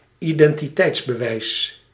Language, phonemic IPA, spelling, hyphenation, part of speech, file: Dutch, /ˌidɛntiˈtɛitsbɛˌwɛis/, identiteitsbewijs, iden‧ti‧teits‧be‧wijs, noun, Nl-identiteitsbewijs.ogg
- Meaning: 1. proof of identity, identification document 2. passport or ID card